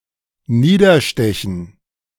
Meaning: to stab down
- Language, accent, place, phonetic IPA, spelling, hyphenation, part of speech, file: German, Germany, Berlin, [ˈniːdɐˌʃtɛçn̩], niederstechen, nie‧der‧ste‧chen, verb, De-niederstechen.ogg